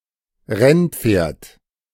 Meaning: racehorse (a horse which competes in races)
- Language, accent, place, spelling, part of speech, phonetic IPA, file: German, Germany, Berlin, Rennpferd, noun, [ˈʁɛnˌpfeːɐ̯t], De-Rennpferd.ogg